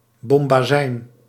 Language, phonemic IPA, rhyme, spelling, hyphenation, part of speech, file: Dutch, /ˌbɔm.baːˈzɛi̯n/, -ɛi̯n, bombazijn, bom‧ba‧zijn, noun, Nl-bombazijn.ogg
- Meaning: bombazine (durable twilled or corded fabric, made of cotton, silk, wool or linen)